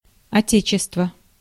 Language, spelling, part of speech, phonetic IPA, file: Russian, отечество, noun, [ɐˈtʲet͡ɕɪstvə], Ru-отечество.ogg
- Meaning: 1. fatherland, motherland, native land, native country, country 2. mother country, home country, homeland